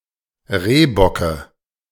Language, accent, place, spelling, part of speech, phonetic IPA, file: German, Germany, Berlin, Rehbocke, noun, [ˈʁeːbɔkə], De-Rehbocke.ogg
- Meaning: dative of Rehbock